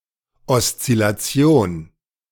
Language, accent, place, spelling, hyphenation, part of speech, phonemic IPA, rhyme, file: German, Germany, Berlin, Oszillation, Os‧zil‧la‧ti‧on, noun, /ɔstsɪlaˈtsi̯oːn/, -oːn, De-Oszillation.ogg
- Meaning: oscillation (the act of oscillating)